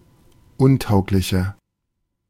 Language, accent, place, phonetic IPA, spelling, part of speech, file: German, Germany, Berlin, [ˈʊnˌtaʊ̯klɪçɐ], untauglicher, adjective, De-untauglicher.ogg
- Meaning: inflection of untauglich: 1. strong/mixed nominative masculine singular 2. strong genitive/dative feminine singular 3. strong genitive plural